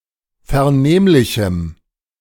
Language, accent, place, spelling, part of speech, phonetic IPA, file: German, Germany, Berlin, vernehmlichem, adjective, [fɛɐ̯ˈneːmlɪçm̩], De-vernehmlichem.ogg
- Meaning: strong dative masculine/neuter singular of vernehmlich